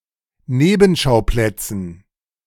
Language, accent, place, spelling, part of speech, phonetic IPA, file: German, Germany, Berlin, Nebenschauplätzen, noun, [ˈneːbm̩ˌʃaʊ̯plɛt͡sn̩], De-Nebenschauplätzen.ogg
- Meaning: dative plural of Nebenschauplatz